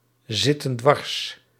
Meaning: inflection of dwarszitten: 1. plural present indicative 2. plural present subjunctive
- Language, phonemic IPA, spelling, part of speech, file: Dutch, /ˈzɪtə(n) ˈdwɑrs/, zitten dwars, verb, Nl-zitten dwars.ogg